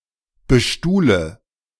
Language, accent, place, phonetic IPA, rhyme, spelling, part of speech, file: German, Germany, Berlin, [bəˈʃtuːlə], -uːlə, bestuhle, verb, De-bestuhle.ogg
- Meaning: inflection of bestuhlen: 1. first-person singular present 2. first/third-person singular subjunctive I 3. singular imperative